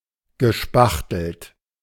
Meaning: past participle of spachteln
- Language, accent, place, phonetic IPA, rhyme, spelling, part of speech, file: German, Germany, Berlin, [ɡəˈʃpaxtl̩t], -axtl̩t, gespachtelt, verb, De-gespachtelt.ogg